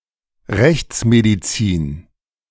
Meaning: forensic medicine
- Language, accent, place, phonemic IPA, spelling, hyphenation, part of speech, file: German, Germany, Berlin, /ˈʁɛçt͡smediˌt͡siːn/, Rechtsmedizin, Rechts‧me‧di‧zin, noun, De-Rechtsmedizin.ogg